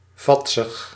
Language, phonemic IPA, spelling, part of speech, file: Dutch, /ˈvɑtsəx/, vadsig, adjective, Nl-vadsig.ogg
- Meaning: 1. overweight, often lazy 2. slow or apathetic